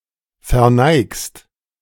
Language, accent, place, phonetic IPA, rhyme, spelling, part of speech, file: German, Germany, Berlin, [fɛɐ̯ˈnaɪ̯kst], -aɪ̯kst, verneigst, verb, De-verneigst.ogg
- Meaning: second-person singular present of verneigen